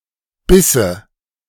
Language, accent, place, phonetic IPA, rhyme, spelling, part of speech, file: German, Germany, Berlin, [ˈbɪsə], -ɪsə, Bisse, noun, De-Bisse.ogg
- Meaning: nominative/accusative/genitive plural of Biss